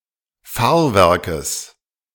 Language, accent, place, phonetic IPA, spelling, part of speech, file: German, Germany, Berlin, [ˈfaːɐ̯ˌvɛʁkəs], Fahrwerkes, noun, De-Fahrwerkes.ogg
- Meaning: genitive singular of Fahrwerk